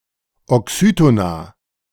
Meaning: plural of Oxytonon
- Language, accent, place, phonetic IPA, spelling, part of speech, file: German, Germany, Berlin, [ɔˈksyːtona], Oxytona, noun, De-Oxytona.ogg